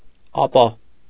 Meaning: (adverb) then, after that, next; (conjunction) 1. so, therefore, consequently 2. however, but; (particle) well, so
- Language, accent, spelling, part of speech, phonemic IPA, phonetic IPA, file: Armenian, Eastern Armenian, ապա, adverb / conjunction / particle, /ɑˈpɑ/, [ɑpɑ́], Hy-ապա.ogg